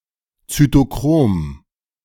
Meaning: cytochrome
- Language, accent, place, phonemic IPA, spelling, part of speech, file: German, Germany, Berlin, /t͡sytoˈkʁoːm/, Zytochrom, noun, De-Zytochrom.ogg